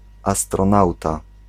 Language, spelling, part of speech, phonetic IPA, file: Polish, astronauta, noun, [ˌastrɔ̃ˈnawta], Pl-astronauta.ogg